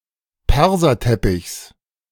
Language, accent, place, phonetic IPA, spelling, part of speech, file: German, Germany, Berlin, [ˈpɛʁzɐˌtɛpɪçs], Perserteppichs, noun, De-Perserteppichs.ogg
- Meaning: genitive of Perserteppich